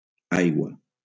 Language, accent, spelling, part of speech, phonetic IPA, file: Catalan, Valencia, aigua, noun, [ˈaj.ɣwa], LL-Q7026 (cat)-aigua.wav
- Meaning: water